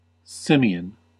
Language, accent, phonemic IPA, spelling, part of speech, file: English, US, /ˈsɪm.i.ən/, simian, adjective / noun, En-us-simian.ogg
- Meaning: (adjective) 1. Of or pertaining to apes and monkeys 2. Bearing resemblance to an ape or monkey; apelike or monkeylike; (noun) An ape or monkey, especially an anthropoid (infraorder Simiiformes)